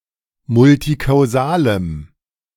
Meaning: strong dative masculine/neuter singular of multikausal
- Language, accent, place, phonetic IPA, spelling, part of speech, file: German, Germany, Berlin, [ˈmʊltikaʊ̯ˌzaːləm], multikausalem, adjective, De-multikausalem.ogg